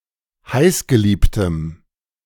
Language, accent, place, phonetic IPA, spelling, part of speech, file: German, Germany, Berlin, [ˈhaɪ̯sɡəˌliːptəm], heißgeliebtem, adjective, De-heißgeliebtem.ogg
- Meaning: strong dative masculine/neuter singular of heißgeliebt